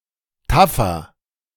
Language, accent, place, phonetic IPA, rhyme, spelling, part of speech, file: German, Germany, Berlin, [ˈtafɐ], -afɐ, taffer, adjective, De-taffer.ogg
- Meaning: 1. comparative degree of taff 2. inflection of taff: strong/mixed nominative masculine singular 3. inflection of taff: strong genitive/dative feminine singular